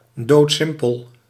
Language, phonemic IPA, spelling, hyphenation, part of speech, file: Dutch, /ˌdoːtˈsɪm.pəl/, doodsimpel, dood‧sim‧pel, adjective, Nl-doodsimpel.ogg
- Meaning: dead simple, very simple